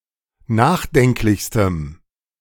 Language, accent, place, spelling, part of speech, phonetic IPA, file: German, Germany, Berlin, nachdenklichstem, adjective, [ˈnaːxˌdɛŋklɪçstəm], De-nachdenklichstem.ogg
- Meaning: strong dative masculine/neuter singular superlative degree of nachdenklich